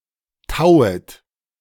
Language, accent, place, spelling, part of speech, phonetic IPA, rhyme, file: German, Germany, Berlin, tauet, verb, [ˈtaʊ̯ət], -aʊ̯ət, De-tauet.ogg
- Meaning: second-person plural subjunctive I of tauen